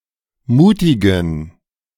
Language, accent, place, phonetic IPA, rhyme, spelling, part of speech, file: German, Germany, Berlin, [ˈmuːtɪɡn̩], -uːtɪɡn̩, mutigen, adjective, De-mutigen.ogg
- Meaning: inflection of mutig: 1. strong genitive masculine/neuter singular 2. weak/mixed genitive/dative all-gender singular 3. strong/weak/mixed accusative masculine singular 4. strong dative plural